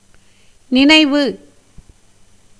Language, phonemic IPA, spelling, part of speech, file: Tamil, /nɪnɐɪ̯ʋɯ/, நினைவு, noun, Ta-நினைவு.ogg
- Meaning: 1. memory; mind (as the seat of memory) 2. thought, idea 3. consciousness 4. reflection, consideration 5. memorandum, memento 6. recollection, remembrance